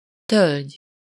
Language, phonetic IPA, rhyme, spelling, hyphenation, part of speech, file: Hungarian, [ˈtølɟ], -ølɟ, tölgy, tölgy, noun, Hu-tölgy.ogg
- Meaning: oak (tree)